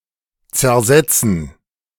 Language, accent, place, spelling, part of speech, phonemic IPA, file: German, Germany, Berlin, zersetzen, verb, /t͡sɛɐ̯ˈzɛt͡sn̩/, De-zersetzen.ogg
- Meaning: 1. to corrode, decompose 2. to subvert, undermine